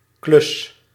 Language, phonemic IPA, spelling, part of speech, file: Dutch, /klʏs/, klus, noun / verb, Nl-klus.ogg
- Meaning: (noun) 1. task 2. odd job; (verb) inflection of klussen: 1. first-person singular present indicative 2. second-person singular present indicative 3. imperative